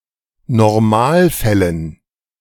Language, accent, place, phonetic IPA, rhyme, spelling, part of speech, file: German, Germany, Berlin, [nɔʁˈmaːlˌfɛlən], -aːlfɛlən, Normalfällen, noun, De-Normalfällen.ogg
- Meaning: dative plural of Normalfall